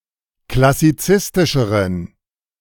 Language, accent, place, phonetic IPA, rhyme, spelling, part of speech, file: German, Germany, Berlin, [klasiˈt͡sɪstɪʃəʁən], -ɪstɪʃəʁən, klassizistischeren, adjective, De-klassizistischeren.ogg
- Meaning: inflection of klassizistisch: 1. strong genitive masculine/neuter singular comparative degree 2. weak/mixed genitive/dative all-gender singular comparative degree